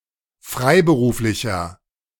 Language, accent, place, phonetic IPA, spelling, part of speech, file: German, Germany, Berlin, [ˈfʁaɪ̯bəˌʁuːflɪçɐ], freiberuflicher, adjective, De-freiberuflicher.ogg
- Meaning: inflection of freiberuflich: 1. strong/mixed nominative masculine singular 2. strong genitive/dative feminine singular 3. strong genitive plural